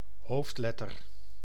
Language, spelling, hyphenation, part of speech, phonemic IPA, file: Dutch, hoofdletter, hoofd‧let‧ter, noun, /ˈɦoːftˌlɛ.tər/, Nl-hoofdletter.ogg
- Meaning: capital (uppercase letter)